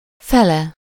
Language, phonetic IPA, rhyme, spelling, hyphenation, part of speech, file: Hungarian, [ˈfɛlɛ], -lɛ, fele, fe‧le, postposition / adjective / noun, Hu-fele.ogg
- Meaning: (postposition) alternative form of felé (“toward(s), around”); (adjective) half (of the); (noun) third-person singular single-possession possessive of fél: its half, half of…